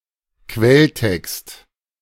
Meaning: source code
- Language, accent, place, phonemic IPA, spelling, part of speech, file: German, Germany, Berlin, /ˈkvɛlˌtɛkst/, Quelltext, noun, De-Quelltext.ogg